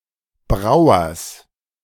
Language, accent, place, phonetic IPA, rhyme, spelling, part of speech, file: German, Germany, Berlin, [ˈbʁaʊ̯ɐs], -aʊ̯ɐs, Brauers, noun, De-Brauers.ogg
- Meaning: genitive singular of Brauer